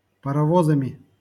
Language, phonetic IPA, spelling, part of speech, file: Russian, [pərɐˈvozəmʲɪ], паровозами, noun, LL-Q7737 (rus)-паровозами.wav
- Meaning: instrumental plural of парово́з (parovóz)